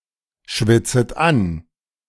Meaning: second-person plural subjunctive I of anschwitzen
- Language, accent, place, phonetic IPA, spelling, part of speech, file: German, Germany, Berlin, [ˌʃvɪt͡sət ˈan], schwitzet an, verb, De-schwitzet an.ogg